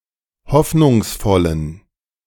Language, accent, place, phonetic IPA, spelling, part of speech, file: German, Germany, Berlin, [ˈhɔfnʊŋsˌfɔlən], hoffnungsvollen, adjective, De-hoffnungsvollen.ogg
- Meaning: inflection of hoffnungsvoll: 1. strong genitive masculine/neuter singular 2. weak/mixed genitive/dative all-gender singular 3. strong/weak/mixed accusative masculine singular 4. strong dative plural